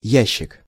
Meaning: 1. box, case, chest 2. drawer (in a piece of furniture) 3. idiot box, boob tube (TV set) 4. secret facility, military facility
- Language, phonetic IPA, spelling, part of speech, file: Russian, [ˈjæɕːɪk], ящик, noun, Ru-ящик.ogg